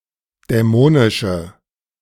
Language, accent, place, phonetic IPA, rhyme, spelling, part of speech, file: German, Germany, Berlin, [dɛˈmoːnɪʃə], -oːnɪʃə, dämonische, adjective, De-dämonische.ogg
- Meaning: inflection of dämonisch: 1. strong/mixed nominative/accusative feminine singular 2. strong nominative/accusative plural 3. weak nominative all-gender singular